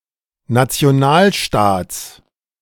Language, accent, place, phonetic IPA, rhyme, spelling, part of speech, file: German, Germany, Berlin, [nat͡si̯oˈnaːlˌʃtaːt͡s], -aːlʃtaːt͡s, Nationalstaats, noun, De-Nationalstaats.ogg
- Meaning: genitive singular of Nationalstaat